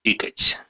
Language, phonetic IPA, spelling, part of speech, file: Russian, [ˈɨkətʲ], ыкать, verb, Ru-ы́кать.ogg
- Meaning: to make the sound of the letter ы (y)